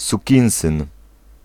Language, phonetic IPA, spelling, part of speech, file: Polish, [suˈcĩw̃sɨ̃n], sukinsyn, noun, Pl-sukinsyn.ogg